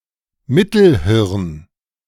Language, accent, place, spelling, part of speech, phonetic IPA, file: German, Germany, Berlin, Mittelhirn, noun, [ˈmɪtl̩ˌhɪʁn], De-Mittelhirn.ogg
- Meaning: midbrain